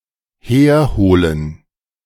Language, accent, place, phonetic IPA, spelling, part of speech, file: German, Germany, Berlin, [ˈheːɐ̯ˌhoːlən], herholen, verb, De-herholen.ogg
- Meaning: to fetch